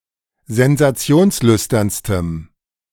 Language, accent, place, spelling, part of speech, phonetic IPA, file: German, Germany, Berlin, sensationslüsternstem, adjective, [zɛnzaˈt͡si̯oːnsˌlʏstɐnstəm], De-sensationslüsternstem.ogg
- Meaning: strong dative masculine/neuter singular superlative degree of sensationslüstern